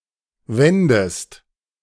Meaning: inflection of wenden: 1. second-person singular present 2. second-person singular subjunctive I
- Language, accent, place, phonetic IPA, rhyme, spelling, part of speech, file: German, Germany, Berlin, [ˈvɛndəst], -ɛndəst, wendest, verb, De-wendest.ogg